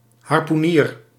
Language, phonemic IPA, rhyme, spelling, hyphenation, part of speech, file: Dutch, /ɦɑrpuˈniːr/, -iːr, harpoenier, har‧poe‧nier, noun, Nl-harpoenier.ogg
- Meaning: harpooner